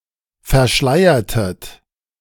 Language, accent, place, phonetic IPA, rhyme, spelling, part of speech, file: German, Germany, Berlin, [fɛɐ̯ˈʃlaɪ̯ɐtət], -aɪ̯ɐtət, verschleiertet, verb, De-verschleiertet.ogg
- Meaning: inflection of verschleiern: 1. second-person plural preterite 2. second-person plural subjunctive II